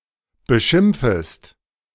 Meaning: second-person singular subjunctive I of beschimpfen
- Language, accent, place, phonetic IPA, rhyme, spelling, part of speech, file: German, Germany, Berlin, [bəˈʃɪmp͡fəst], -ɪmp͡fəst, beschimpfest, verb, De-beschimpfest.ogg